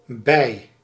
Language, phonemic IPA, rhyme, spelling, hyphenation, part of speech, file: Dutch, /bɛi̯/, -ɛi̯, bij, bij, preposition / adverb / adjective / noun, Nl-bij.ogg
- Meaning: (preposition) 1. at, with 2. by, close to 3. to, towards 4. by, through, by means of, through the action or presence of; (adverb) 1. alongside, with 2. in order to adjust or improve